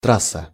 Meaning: route, line, track
- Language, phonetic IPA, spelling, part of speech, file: Russian, [ˈtras(ː)ə], трасса, noun, Ru-трасса.ogg